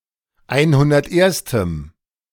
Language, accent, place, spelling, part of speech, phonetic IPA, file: German, Germany, Berlin, einhunderterstem, adjective, [ˈaɪ̯nhʊndɐtˌʔeːɐ̯stəm], De-einhunderterstem.ogg
- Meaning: strong dative masculine/neuter singular of einhunderterste